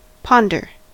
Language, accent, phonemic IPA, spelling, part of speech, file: English, US, /ˈpɑn.dəɹ/, ponder, verb / noun, En-us-ponder.ogg
- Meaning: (verb) 1. To wonder, think of deeply 2. To consider (something) carefully and thoroughly 3. To weigh; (noun) A period of deep thought